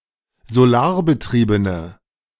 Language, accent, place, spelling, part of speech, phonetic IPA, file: German, Germany, Berlin, solarbetriebene, adjective, [zoˈlaːɐ̯bəˌtʁiːbənə], De-solarbetriebene.ogg
- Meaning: inflection of solarbetrieben: 1. strong/mixed nominative/accusative feminine singular 2. strong nominative/accusative plural 3. weak nominative all-gender singular